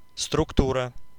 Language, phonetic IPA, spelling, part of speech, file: Russian, [strʊkˈturə], структура, noun, Ru-структура.ogg
- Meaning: structure